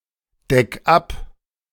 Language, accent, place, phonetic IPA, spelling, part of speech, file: German, Germany, Berlin, [ˌdɛk ˈap], deck ab, verb, De-deck ab.ogg
- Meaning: 1. singular imperative of abdecken 2. first-person singular present of abdecken